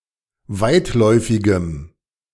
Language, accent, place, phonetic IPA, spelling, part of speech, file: German, Germany, Berlin, [ˈvaɪ̯tˌlɔɪ̯fɪɡəm], weitläufigem, adjective, De-weitläufigem.ogg
- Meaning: strong dative masculine/neuter singular of weitläufig